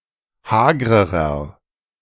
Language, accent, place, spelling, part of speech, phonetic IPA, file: German, Germany, Berlin, hagrerer, adjective, [ˈhaːɡʁəʁɐ], De-hagrerer.ogg
- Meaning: inflection of hager: 1. strong/mixed nominative masculine singular comparative degree 2. strong genitive/dative feminine singular comparative degree 3. strong genitive plural comparative degree